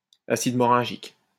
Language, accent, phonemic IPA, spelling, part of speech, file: French, France, /a.sid mɔ.ʁɛ̃.ʒik/, acide moringique, noun, LL-Q150 (fra)-acide moringique.wav
- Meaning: moringic acid